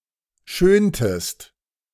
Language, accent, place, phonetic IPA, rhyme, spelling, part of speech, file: German, Germany, Berlin, [ˈʃøːntəst], -øːntəst, schöntest, verb, De-schöntest.ogg
- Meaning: inflection of schönen: 1. second-person singular preterite 2. second-person singular subjunctive II